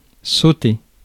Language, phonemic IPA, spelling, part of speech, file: French, /so.te/, sauter, verb, Fr-sauter.ogg
- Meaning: 1. to jump, leap 2. to jump over 3. to sauté 4. to bang, hump, have sex with 5. to skip (pass from one step directly to a later step without going through the intervening ones) 6. to explode